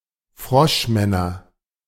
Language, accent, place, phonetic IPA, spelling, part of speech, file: German, Germany, Berlin, [ˈfʁɔʃˌmɛnɐ], Froschmänner, noun, De-Froschmänner.ogg
- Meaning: nominative/accusative/genitive plural of Froschmann